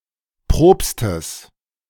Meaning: genitive singular of Propst
- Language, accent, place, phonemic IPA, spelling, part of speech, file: German, Germany, Berlin, /ˈpʁoːpstəs/, Propstes, noun, De-Propstes.ogg